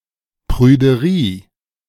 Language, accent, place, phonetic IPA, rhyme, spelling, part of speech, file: German, Germany, Berlin, [pʁyːdəˈʁiː], -iː, Prüderie, noun, De-Prüderie.ogg
- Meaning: prudery, prudishness